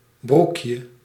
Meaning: diminutive of broek
- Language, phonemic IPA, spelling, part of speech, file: Dutch, /ˈbrukjə/, broekje, noun, Nl-broekje.ogg